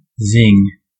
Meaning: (noun) 1. A short high-pitched humming sound, such as that made by a bullet or vibrating string 2. A witty insult or derogatory remark 3. Zest or vitality 4. Pleasant or exciting flavour of food
- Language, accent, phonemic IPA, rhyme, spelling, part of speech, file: English, US, /zɪŋ/, -ɪŋ, zing, noun / verb / interjection, En-us-zing.ogg